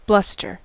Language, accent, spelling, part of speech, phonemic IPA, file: English, US, bluster, noun / verb, /ˈblʌs.tɚ/, En-us-bluster.ogg
- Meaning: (noun) 1. Pompous, officious talk 2. A gust of wind 3. Fitful noise and violence; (verb) 1. To speak or protest loudly 2. To act or speak in an unduly threatening manner